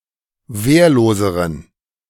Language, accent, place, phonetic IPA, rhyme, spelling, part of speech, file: German, Germany, Berlin, [ˈveːɐ̯loːzəʁən], -eːɐ̯loːzəʁən, wehrloseren, adjective, De-wehrloseren.ogg
- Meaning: inflection of wehrlos: 1. strong genitive masculine/neuter singular comparative degree 2. weak/mixed genitive/dative all-gender singular comparative degree